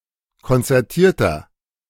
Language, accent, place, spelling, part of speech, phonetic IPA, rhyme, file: German, Germany, Berlin, konzertierter, adjective, [kɔnt͡sɛʁˈtiːɐ̯tɐ], -iːɐ̯tɐ, De-konzertierter.ogg
- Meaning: inflection of konzertiert: 1. strong/mixed nominative masculine singular 2. strong genitive/dative feminine singular 3. strong genitive plural